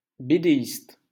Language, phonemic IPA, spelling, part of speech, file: French, /be.de.ist/, bédéiste, noun, LL-Q150 (fra)-bédéiste.wav
- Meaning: cartoonist, graphic novelist